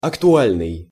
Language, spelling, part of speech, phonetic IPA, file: Russian, актуальный, adjective, [ɐktʊˈalʲnɨj], Ru-актуальный.ogg
- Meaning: relevant, urgent, timely, topical, current